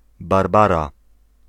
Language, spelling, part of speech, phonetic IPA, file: Polish, Barbara, proper noun, [barˈbara], Pl-Barbara.ogg